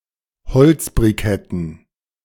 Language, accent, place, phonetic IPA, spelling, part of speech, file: German, Germany, Berlin, [bəˈt͡sɪfɐtət], beziffertet, verb, De-beziffertet.ogg
- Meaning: inflection of beziffern: 1. second-person plural preterite 2. second-person plural subjunctive II